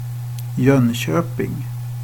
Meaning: Jönköping
- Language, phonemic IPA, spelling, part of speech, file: Swedish, /ˈjœnˌɕøːpɪŋ/, Jönköping, proper noun, Sv-Jönköping.ogg